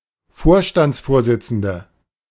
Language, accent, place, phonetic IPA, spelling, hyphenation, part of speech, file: German, Germany, Berlin, [ˈfoːɐ̯ʃtant͡sˌfoːɐ̯zɪt͡sn̩də], Vorstandsvorsitzende, Vor‧stands‧vor‧sit‧zen‧de, noun, De-Vorstandsvorsitzende.ogg
- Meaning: 1. CEO (female) 2. chairman (female) 3. nominative/accusative/genitive plural of Vorstandsvorsitzender